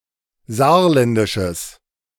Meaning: strong/mixed nominative/accusative neuter singular of saarländisch
- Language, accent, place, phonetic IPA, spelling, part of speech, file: German, Germany, Berlin, [ˈzaːɐ̯ˌlɛndɪʃəs], saarländisches, adjective, De-saarländisches.ogg